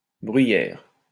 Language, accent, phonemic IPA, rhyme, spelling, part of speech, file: French, France, /bʁɥi.jɛʁ/, -ɛʁ, bruyère, noun, LL-Q150 (fra)-bruyère.wav
- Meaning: 1. heather, heath, briar 2. a place of briars, a moor